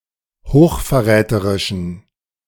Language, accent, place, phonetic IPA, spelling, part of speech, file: German, Germany, Berlin, [hoːxfɛɐ̯ˈʁɛːtəʁɪʃn̩], hochverräterischen, adjective, De-hochverräterischen.ogg
- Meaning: inflection of hochverräterisch: 1. strong genitive masculine/neuter singular 2. weak/mixed genitive/dative all-gender singular 3. strong/weak/mixed accusative masculine singular